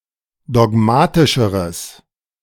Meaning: strong/mixed nominative/accusative neuter singular comparative degree of dogmatisch
- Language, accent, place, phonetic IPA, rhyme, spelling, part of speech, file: German, Germany, Berlin, [dɔˈɡmaːtɪʃəʁəs], -aːtɪʃəʁəs, dogmatischeres, adjective, De-dogmatischeres.ogg